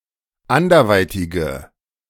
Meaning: inflection of anderweitig: 1. strong/mixed nominative/accusative feminine singular 2. strong nominative/accusative plural 3. weak nominative all-gender singular
- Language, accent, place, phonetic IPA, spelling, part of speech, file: German, Germany, Berlin, [ˈandɐˌvaɪ̯tɪɡə], anderweitige, adjective, De-anderweitige.ogg